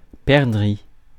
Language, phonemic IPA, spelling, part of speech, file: French, /pɛʁ.dʁi/, perdrix, noun, Fr-perdrix.ogg
- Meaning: 1. partridge (bird) 2. quail